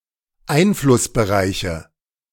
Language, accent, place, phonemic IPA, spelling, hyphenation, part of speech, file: German, Germany, Berlin, /ˈaɪ̯nflʊsbəˌʁaɪ̯çə/, Einflussbereiche, Ein‧fluss‧be‧rei‧che, noun, De-Einflussbereiche.ogg
- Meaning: nominative/accusative/genitive plural of Einflussbereich